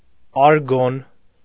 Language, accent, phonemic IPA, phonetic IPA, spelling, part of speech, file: Armenian, Eastern Armenian, /ɑɾˈɡon/, [ɑɾɡón], արգոն, noun, Hy-արգոն.ogg
- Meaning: argon